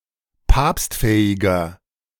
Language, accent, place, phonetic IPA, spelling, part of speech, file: German, Germany, Berlin, [ˈpaːpstˌfɛːɪɡɐ], papstfähiger, adjective, De-papstfähiger.ogg
- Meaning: inflection of papstfähig: 1. strong/mixed nominative masculine singular 2. strong genitive/dative feminine singular 3. strong genitive plural